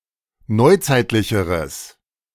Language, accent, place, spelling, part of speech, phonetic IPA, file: German, Germany, Berlin, neuzeitlicheres, adjective, [ˈnɔɪ̯ˌt͡saɪ̯tlɪçəʁəs], De-neuzeitlicheres.ogg
- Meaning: strong/mixed nominative/accusative neuter singular comparative degree of neuzeitlich